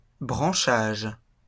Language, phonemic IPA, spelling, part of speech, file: French, /bʁɑ̃.ʃaʒ/, branchage, noun, LL-Q150 (fra)-branchage.wav
- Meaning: branches, boughs